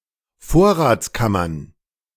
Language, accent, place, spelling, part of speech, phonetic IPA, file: German, Germany, Berlin, Vorratskammern, noun, [ˈfoːɐ̯ʁaːt͡sˌkamɐn], De-Vorratskammern.ogg
- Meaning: plural of Vorratskammer